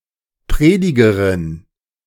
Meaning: female equivalent of Prediger
- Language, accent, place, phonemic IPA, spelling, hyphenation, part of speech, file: German, Germany, Berlin, /ˈpʁeːdɪɡəʁɪn/, Predigerin, Pre‧di‧ge‧rin, noun, De-Predigerin.ogg